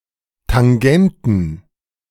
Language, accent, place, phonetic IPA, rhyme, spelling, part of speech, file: German, Germany, Berlin, [taŋˈɡɛntn̩], -ɛntn̩, Tangenten, noun, De-Tangenten.ogg
- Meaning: plural of Tangente